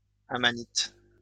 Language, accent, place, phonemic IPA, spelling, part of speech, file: French, France, Lyon, /a.ma.nit/, amanite, noun, LL-Q150 (fra)-amanite.wav
- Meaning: amanita